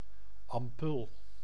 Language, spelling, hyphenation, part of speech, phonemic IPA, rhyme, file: Dutch, ampul, am‧pul, noun, /ɑmˈpʏl/, -ʏl, Nl-ampul.ogg
- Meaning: 1. an ampoule, small, closed (glass or artificial) vial, as used to dose medicine 2. a small jug, notably for liturgical use